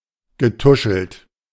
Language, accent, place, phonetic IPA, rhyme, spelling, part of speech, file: German, Germany, Berlin, [ɡəˈtʊʃl̩t], -ʊʃl̩t, getuschelt, verb, De-getuschelt.ogg
- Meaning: past participle of tuscheln